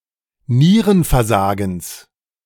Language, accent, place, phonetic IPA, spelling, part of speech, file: German, Germany, Berlin, [ˈniːʁənfɛɐ̯ˌzaːɡn̩s], Nierenversagens, noun, De-Nierenversagens.ogg
- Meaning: genitive singular of Nierenversagen